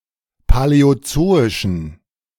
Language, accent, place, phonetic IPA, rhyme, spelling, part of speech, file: German, Germany, Berlin, [palɛoˈt͡soːɪʃn̩], -oːɪʃn̩, paläozoischen, adjective, De-paläozoischen.ogg
- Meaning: inflection of paläozoisch: 1. strong genitive masculine/neuter singular 2. weak/mixed genitive/dative all-gender singular 3. strong/weak/mixed accusative masculine singular 4. strong dative plural